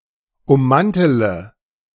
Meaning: inflection of ummanteln: 1. first-person singular present 2. first-person plural subjunctive I 3. third-person singular subjunctive I 4. singular imperative
- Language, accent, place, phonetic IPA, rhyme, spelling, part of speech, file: German, Germany, Berlin, [ʊmˈmantələ], -antələ, ummantele, verb, De-ummantele.ogg